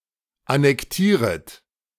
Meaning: second-person plural subjunctive I of annektieren
- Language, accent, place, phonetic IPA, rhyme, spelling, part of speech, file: German, Germany, Berlin, [anɛkˈtiːʁət], -iːʁət, annektieret, verb, De-annektieret.ogg